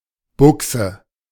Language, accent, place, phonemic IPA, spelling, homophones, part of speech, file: German, Germany, Berlin, /ˈbʊksə/, Buxe, Buchse, noun, De-Buxe.ogg
- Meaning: trousers (UK); pants (US)